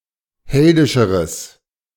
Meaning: strong/mixed nominative/accusative neuter singular comparative degree of heldisch
- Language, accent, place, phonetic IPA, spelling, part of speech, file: German, Germany, Berlin, [ˈhɛldɪʃəʁəs], heldischeres, adjective, De-heldischeres.ogg